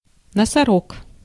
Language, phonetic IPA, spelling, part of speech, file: Russian, [nəsɐˈrok], носорог, noun, Ru-носорог.ogg
- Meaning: rhinoceros